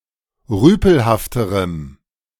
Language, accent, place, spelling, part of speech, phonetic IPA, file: German, Germany, Berlin, rüpelhafterem, adjective, [ˈʁyːpl̩haftəʁəm], De-rüpelhafterem.ogg
- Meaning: strong dative masculine/neuter singular comparative degree of rüpelhaft